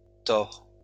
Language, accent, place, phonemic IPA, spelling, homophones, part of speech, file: French, France, Lyon, /tɔʁ/, tore, Thor / tord / tords / tores / tors / tort / torts, noun, LL-Q150 (fra)-tore.wav
- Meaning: torus